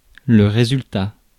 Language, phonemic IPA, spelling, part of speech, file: French, /ʁe.zyl.ta/, résultat, noun, Fr-résultat.ogg
- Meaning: 1. outcome; result 2. bottom line